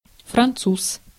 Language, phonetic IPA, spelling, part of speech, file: Russian, [frɐnˈt͡sus], француз, noun, Ru-француз.ogg
- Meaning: 1. French, Frenchman 2. A Jew